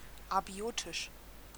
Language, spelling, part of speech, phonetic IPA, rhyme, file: German, abiotisch, adjective, [aˈbi̯oːtɪʃ], -oːtɪʃ, De-abiotisch.ogg
- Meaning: abiotic